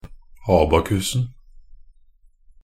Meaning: definite singular of abakus
- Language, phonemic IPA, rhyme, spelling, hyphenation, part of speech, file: Norwegian Bokmål, /ˈɑːbakʉsn̩/, -ʉsn̩, abakusen, a‧ba‧kus‧en, noun, NB - Pronunciation of Norwegian Bokmål «abakusen».ogg